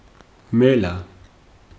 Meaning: 1. fox 2. fox fur 3. crafty, insinuating person
- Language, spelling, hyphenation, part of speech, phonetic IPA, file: Georgian, მელა, მე‧ლა, noun, [me̞ɫä], Ka-მელა.ogg